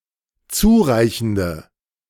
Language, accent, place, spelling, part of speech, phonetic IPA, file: German, Germany, Berlin, zureichende, adjective, [ˈt͡suːˌʁaɪ̯çn̩də], De-zureichende.ogg
- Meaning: inflection of zureichend: 1. strong/mixed nominative/accusative feminine singular 2. strong nominative/accusative plural 3. weak nominative all-gender singular